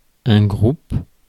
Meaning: group
- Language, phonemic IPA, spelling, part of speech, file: French, /ɡʁup/, groupe, noun, Fr-groupe.ogg